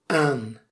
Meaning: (preposition) 1. on (positioned at the outer surface of; attached to) 2. at, on (near; adjacent to; alongside; just off) 3. to, indicates the target or recipient of an action
- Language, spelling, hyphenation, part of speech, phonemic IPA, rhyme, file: Dutch, aan, aan, preposition / adverb / adjective, /aːn/, -aːn, Nl-aan.ogg